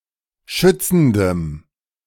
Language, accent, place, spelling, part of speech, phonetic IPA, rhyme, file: German, Germany, Berlin, schützendem, adjective, [ˈʃʏt͡sn̩dəm], -ʏt͡sn̩dəm, De-schützendem.ogg
- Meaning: strong dative masculine/neuter singular of schützend